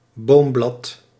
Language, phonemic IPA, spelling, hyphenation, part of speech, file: Dutch, /ˈboːm.blɑt/, boomblad, boom‧blad, noun, Nl-boomblad.ogg
- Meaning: a leaf from a tree